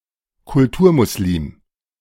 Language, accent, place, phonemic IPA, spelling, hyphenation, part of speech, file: German, Germany, Berlin, /kʊlˈtuːɐ̯muslim/, Kulturmuslim, Kul‧tur‧mus‧lim, noun, De-Kulturmuslim.ogg
- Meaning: cultural Muslim